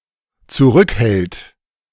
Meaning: third-person singular dependent present of zurückhalten
- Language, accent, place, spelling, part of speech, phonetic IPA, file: German, Germany, Berlin, zurückhält, verb, [t͡suˈʁʏkˌhɛlt], De-zurückhält.ogg